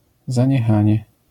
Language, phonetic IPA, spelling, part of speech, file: Polish, [ˌzãɲɛˈxãɲɛ], zaniechanie, noun, LL-Q809 (pol)-zaniechanie.wav